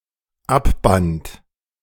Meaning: first/third-person singular dependent preterite of abbinden
- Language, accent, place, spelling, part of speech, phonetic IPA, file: German, Germany, Berlin, abband, verb, [ˈapˌbant], De-abband.ogg